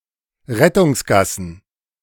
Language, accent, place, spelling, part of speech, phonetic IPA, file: German, Germany, Berlin, Rettungsgassen, noun, [ˈʁɛtʊŋsˌɡasn̩], De-Rettungsgassen.ogg
- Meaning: plural of Rettungsgasse